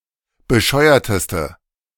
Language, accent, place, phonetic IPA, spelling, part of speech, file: German, Germany, Berlin, [bəˈʃɔɪ̯ɐtəstə], bescheuerteste, adjective, De-bescheuerteste.ogg
- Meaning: inflection of bescheuert: 1. strong/mixed nominative/accusative feminine singular superlative degree 2. strong nominative/accusative plural superlative degree